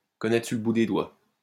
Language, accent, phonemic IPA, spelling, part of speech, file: French, France, /kɔ.nɛ.tʁə syʁ lə bu de dwa/, connaître sur le bout des doigts, verb, LL-Q150 (fra)-connaître sur le bout des doigts.wav
- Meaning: to know backwards, to know inside and out, to know off pat, to have down pat